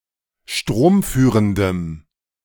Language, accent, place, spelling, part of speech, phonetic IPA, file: German, Germany, Berlin, stromführendem, adjective, [ˈʃtʁoːmˌfyːʁəndəm], De-stromführendem.ogg
- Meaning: strong dative masculine/neuter singular of stromführend